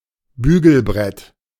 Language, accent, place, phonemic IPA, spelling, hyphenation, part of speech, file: German, Germany, Berlin, /ˈbyːɡl̩ˌbʁɛt/, Bügelbrett, Bü‧gel‧brett, noun, De-Bügelbrett.ogg
- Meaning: ironing board